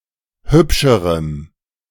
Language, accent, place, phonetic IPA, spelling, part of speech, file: German, Germany, Berlin, [ˈhʏpʃəʁəm], hübscherem, adjective, De-hübscherem.ogg
- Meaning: strong dative masculine/neuter singular comparative degree of hübsch